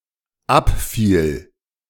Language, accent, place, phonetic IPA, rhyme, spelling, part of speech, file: German, Germany, Berlin, [ˈapˌfiːl], -apfiːl, abfiel, verb, De-abfiel.ogg
- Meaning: first/third-person singular dependent preterite of abfallen